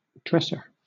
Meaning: 1. An item of kitchen furniture, like a cabinet with shelves, for storing crockery or utensils 2. An item of bedroom furniture, like a low chest of drawers (bureau), often with a mirror
- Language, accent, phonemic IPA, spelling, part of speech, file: English, Southern England, /ˈdɹɛsə/, dresser, noun, LL-Q1860 (eng)-dresser.wav